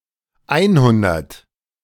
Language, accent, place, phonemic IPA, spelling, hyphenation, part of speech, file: German, Germany, Berlin, /ˈaɪ̯nˌhʊndɐt/, einhundert, ein‧hun‧dert, numeral, De-einhundert.ogg
- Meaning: one hundred